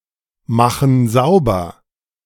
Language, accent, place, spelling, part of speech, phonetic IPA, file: German, Germany, Berlin, machen sauber, verb, [ˌmaxn̩ ˈzaʊ̯bɐ], De-machen sauber.ogg
- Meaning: inflection of saubermachen: 1. first/third-person plural present 2. first/third-person plural subjunctive I